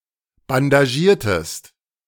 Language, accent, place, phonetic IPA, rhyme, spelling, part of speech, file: German, Germany, Berlin, [bandaˈʒiːɐ̯təst], -iːɐ̯təst, bandagiertest, verb, De-bandagiertest.ogg
- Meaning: inflection of bandagieren: 1. second-person singular preterite 2. second-person singular subjunctive II